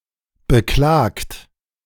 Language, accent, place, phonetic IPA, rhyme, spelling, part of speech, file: German, Germany, Berlin, [bəˈklaːkt], -aːkt, beklagt, verb, De-beklagt.ogg
- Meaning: 1. past participle of beklagen 2. inflection of beklagen: third-person singular present 3. inflection of beklagen: second-person plural present 4. inflection of beklagen: plural imperative